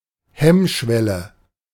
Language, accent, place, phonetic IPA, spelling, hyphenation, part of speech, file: German, Germany, Berlin, [ˈhɛmˌʃvɛlə], Hemmschwelle, Hemm‧schwel‧le, noun, De-Hemmschwelle.ogg
- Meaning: inhibition, psychological hurdle (for example due to fear of embarrassment, breaking social norms, etc.)